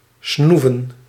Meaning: to brag, to boast
- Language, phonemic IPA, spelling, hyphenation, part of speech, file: Dutch, /ˈsnu.və(n)/, snoeven, snoe‧ven, verb, Nl-snoeven.ogg